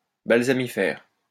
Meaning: balsamiferous
- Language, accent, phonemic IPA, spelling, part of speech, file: French, France, /bal.za.mi.fɛʁ/, balsamifère, adjective, LL-Q150 (fra)-balsamifère.wav